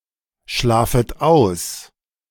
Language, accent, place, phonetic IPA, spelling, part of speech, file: German, Germany, Berlin, [ˌʃlaːfət ˈaʊ̯s], schlafet aus, verb, De-schlafet aus.ogg
- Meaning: second-person plural subjunctive I of ausschlafen